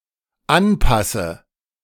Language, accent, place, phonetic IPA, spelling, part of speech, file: German, Germany, Berlin, [ˈanˌpasə], anpasse, verb, De-anpasse.ogg
- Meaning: inflection of anpassen: 1. first-person singular dependent present 2. first/third-person singular dependent subjunctive I